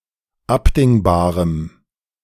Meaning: strong dative masculine/neuter singular of abdingbar
- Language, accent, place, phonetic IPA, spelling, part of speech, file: German, Germany, Berlin, [ˈapdɪŋbaːʁəm], abdingbarem, adjective, De-abdingbarem.ogg